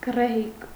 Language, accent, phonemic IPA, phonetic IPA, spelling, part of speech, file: Armenian, Eastern Armenian, /ɡ(ə)reˈhik/, [ɡ(ə)rehík], գռեհիկ, adjective / adverb, Hy-գռեհիկ.ogg
- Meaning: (adjective) 1. coarse, rough, rude, impolite 2. unrefined, obnoxious, intolerable 3. vulgar, crude, primitive; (adverb) coarsely, roughly, rudely, impolitely